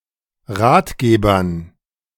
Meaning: dative plural of Ratgeber
- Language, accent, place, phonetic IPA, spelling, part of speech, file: German, Germany, Berlin, [ˈʁaːtˌɡeːbɐn], Ratgebern, noun, De-Ratgebern.ogg